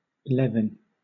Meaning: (noun) Lightning; a bolt of lightning; also, a bright flame or light; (verb) To strike, as lightning
- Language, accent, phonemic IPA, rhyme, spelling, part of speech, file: English, Southern England, /ˈlɛvɪn/, -ɛvɪn, levin, noun / verb, LL-Q1860 (eng)-levin.wav